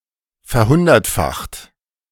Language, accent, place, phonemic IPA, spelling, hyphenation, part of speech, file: German, Germany, Berlin, /fɛɐ̯ˈhʊndɐtˌfaxt/, verhundertfacht, ver‧hun‧dert‧facht, verb, De-verhundertfacht.ogg
- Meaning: 1. past participle of verhundertfachen 2. inflection of verhundertfachen: second-person plural present 3. inflection of verhundertfachen: third-person singular present